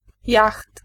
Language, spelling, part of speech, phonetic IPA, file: Polish, jacht, noun, [jaxt], Pl-jacht.ogg